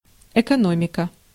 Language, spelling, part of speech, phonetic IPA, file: Russian, экономика, noun, [ɪkɐˈnomʲɪkə], Ru-экономика.ogg
- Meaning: 1. economy (production and distribution and consumption) 2. economics